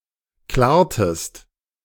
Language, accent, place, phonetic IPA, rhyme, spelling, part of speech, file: German, Germany, Berlin, [ˈklɛːɐ̯təst], -ɛːɐ̯təst, klärtest, verb, De-klärtest.ogg
- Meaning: inflection of klären: 1. second-person singular preterite 2. second-person singular subjunctive II